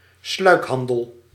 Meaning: smuggling, illicit trade
- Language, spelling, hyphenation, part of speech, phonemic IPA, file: Dutch, sluikhandel, sluik‧han‧del, noun, /ˈslœy̯kˌɦɑn.dəl/, Nl-sluikhandel.ogg